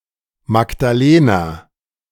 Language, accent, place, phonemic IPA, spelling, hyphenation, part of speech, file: German, Germany, Berlin, /makdaˈleːna/, Magdalena, Mag‧da‧le‧na, proper noun, De-Magdalena.ogg
- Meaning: a female given name, equivalent to English Magdalene